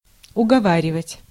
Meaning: to persuade, to talk (into), to urge
- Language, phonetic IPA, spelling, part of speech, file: Russian, [ʊɡɐˈvarʲɪvətʲ], уговаривать, verb, Ru-уговаривать.ogg